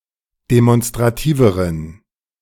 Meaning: inflection of demonstrativ: 1. strong genitive masculine/neuter singular comparative degree 2. weak/mixed genitive/dative all-gender singular comparative degree
- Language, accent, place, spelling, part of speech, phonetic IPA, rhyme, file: German, Germany, Berlin, demonstrativeren, adjective, [demɔnstʁaˈtiːvəʁən], -iːvəʁən, De-demonstrativeren.ogg